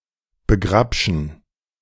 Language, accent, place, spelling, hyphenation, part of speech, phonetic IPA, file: German, Germany, Berlin, begrapschen, be‧grap‧schen, verb, [bəˈɡʁapʃn̩], De-begrapschen.ogg
- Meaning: to grope